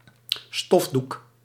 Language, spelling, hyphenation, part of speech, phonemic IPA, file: Dutch, stofdoek, stof‧doek, noun, /ˈstɔf.duk/, Nl-stofdoek.ogg
- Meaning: a duster, a dust cloth